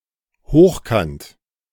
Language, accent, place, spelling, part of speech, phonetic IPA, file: German, Germany, Berlin, hochkant, adverb, [ˈhoːxkant], De-hochkant.ogg
- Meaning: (adverb) 1. upright, on end, edgeways (usually said of things that are not normally positioned this way) 2. forcefully, with force; construed with verbs such as rausfliegen, rausschmeißen